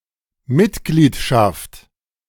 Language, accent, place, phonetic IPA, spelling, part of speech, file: German, Germany, Berlin, [ˈmɪtˌɡliːtʃaft], Mitgliedschaft, noun, De-Mitgliedschaft.ogg
- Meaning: membership (fact of being a member)